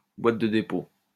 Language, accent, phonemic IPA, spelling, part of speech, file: French, France, /bwat də de.po/, boîte de dépôt, noun, LL-Q150 (fra)-boîte de dépôt.wav
- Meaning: dropbox